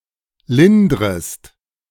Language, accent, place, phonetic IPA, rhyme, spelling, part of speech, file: German, Germany, Berlin, [ˈlɪndʁəst], -ɪndʁəst, lindrest, verb, De-lindrest.ogg
- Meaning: second-person singular subjunctive I of lindern